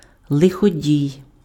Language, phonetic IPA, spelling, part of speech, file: Ukrainian, [ɫexoˈdʲii̯], лиходій, noun, Uk-лиходій.ogg
- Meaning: villain, evildoer, malefactor, miscreant